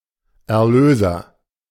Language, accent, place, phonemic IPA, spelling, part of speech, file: German, Germany, Berlin, /ɛɐ̯ˈløːzɐ/, Erlöser, noun, De-Erlöser.ogg
- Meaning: 1. one who delivers someone; redeemer; saviour (male or of unspecified gender) 2. Redeemer; Saviour (Jesus Christ)